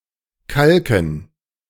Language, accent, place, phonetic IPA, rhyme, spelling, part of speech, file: German, Germany, Berlin, [ˈkalkn̩], -alkn̩, Kalken, noun, De-Kalken.ogg
- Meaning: dative plural of Kalk